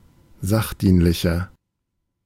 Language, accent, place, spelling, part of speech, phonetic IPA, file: German, Germany, Berlin, sachdienlicher, adjective, [ˈzaxˌdiːnlɪçɐ], De-sachdienlicher.ogg
- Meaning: 1. comparative degree of sachdienlich 2. inflection of sachdienlich: strong/mixed nominative masculine singular 3. inflection of sachdienlich: strong genitive/dative feminine singular